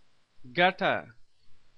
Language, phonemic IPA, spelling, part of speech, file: Pashto, /ɡəʈa/, ګټه, noun, Ps-ګټه.oga
- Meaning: 1. profit, benefit 2. rock, stone